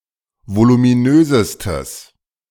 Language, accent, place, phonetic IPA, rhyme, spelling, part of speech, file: German, Germany, Berlin, [volumiˈnøːzəstəs], -øːzəstəs, voluminösestes, adjective, De-voluminösestes.ogg
- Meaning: strong/mixed nominative/accusative neuter singular superlative degree of voluminös